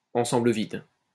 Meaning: empty set (the unique set that contains no elements)
- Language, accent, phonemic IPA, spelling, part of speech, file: French, France, /ɑ̃.sɑ̃.blə vid/, ensemble vide, noun, LL-Q150 (fra)-ensemble vide.wav